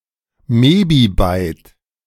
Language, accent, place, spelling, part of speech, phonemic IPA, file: German, Germany, Berlin, Mebibyte, noun, /ˈmeːbiˌbaɪ̯t/, De-Mebibyte.ogg
- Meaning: mebibyte (1,048,576 bytes)